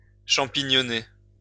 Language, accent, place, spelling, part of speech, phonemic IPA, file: French, France, Lyon, champignonner, verb, /ʃɑ̃.pi.ɲɔ.ne/, LL-Q150 (fra)-champignonner.wav
- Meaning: 1. to mushroom (grow quickly) 2. to mushroom (to pick mushrooms)